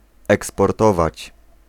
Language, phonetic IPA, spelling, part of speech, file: Polish, [ˌɛkspɔrˈtɔvat͡ɕ], eksportować, verb, Pl-eksportować.ogg